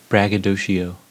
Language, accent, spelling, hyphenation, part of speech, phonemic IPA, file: English, US, braggadocio, brag‧ga‧do‧ci‧o, noun, /ˌbɹæɡ.əˈdoʊ.ʃiˌoʊ/, En-us-braggadocio.ogg
- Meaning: 1. A braggart 2. Empty boasting